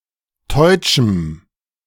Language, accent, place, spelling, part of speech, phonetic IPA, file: German, Germany, Berlin, teutschem, adjective, [tɔɪ̯t͡ʃm̩], De-teutschem.ogg
- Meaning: strong dative masculine/neuter singular of teutsch